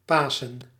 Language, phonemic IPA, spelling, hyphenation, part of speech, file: Dutch, /ˈpaːsə(n)/, Pasen, Pa‧sen, proper noun, Nl-Pasen.ogg
- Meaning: Easter, the major Christian feast commemorating the Resurrection of Christ